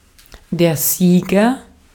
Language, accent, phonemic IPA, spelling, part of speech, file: German, Austria, /ˈziːɡɐ/, Sieger, noun, De-at-Sieger.ogg
- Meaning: agent noun of siegen; winner, victor, champion